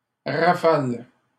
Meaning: 1. gust (strong, abrupt rush of wind) 2. sudden shower, flurry 3. burst (series of shots fired from an automatic firearm)
- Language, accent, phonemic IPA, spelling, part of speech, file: French, Canada, /ʁa.fal/, rafale, noun, LL-Q150 (fra)-rafale.wav